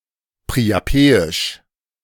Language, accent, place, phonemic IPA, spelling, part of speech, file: German, Germany, Berlin, /pʁiaˈpeːɪʃ/, priapeisch, adjective, De-priapeisch.ogg
- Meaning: 1. of Priapus 2. lewd, obscene